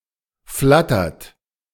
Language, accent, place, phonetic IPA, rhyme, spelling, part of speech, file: German, Germany, Berlin, [ˈflatɐt], -atɐt, flattert, verb, De-flattert.ogg
- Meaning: inflection of flattern: 1. second-person plural present 2. third-person singular present 3. plural imperative